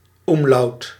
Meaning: umlaut
- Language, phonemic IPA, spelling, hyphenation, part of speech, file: Dutch, /ˈum.lɑu̯t/, umlaut, um‧laut, noun, Nl-umlaut.ogg